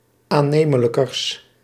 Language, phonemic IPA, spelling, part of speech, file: Dutch, /aˈnemələkərs/, aannemelijkers, adjective, Nl-aannemelijkers.ogg
- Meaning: partitive of aannemelijker, the comparative degree of aannemelijk